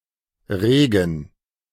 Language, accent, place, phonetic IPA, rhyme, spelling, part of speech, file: German, Germany, Berlin, [ˈʁeːɡn̩], -eːɡn̩, regen, verb / adjective, De-regen.ogg
- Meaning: 1. to move (a small amount or unconsciously) 2. to move (intransitive), to stir 3. to be active doing something, occupying oneself 4. to budge, to become noticeable